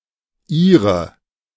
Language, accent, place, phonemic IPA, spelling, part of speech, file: German, Germany, Berlin, /ˈiːʁə/, Ire, noun, De-Ire.ogg
- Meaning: Irishman (man from Ireland)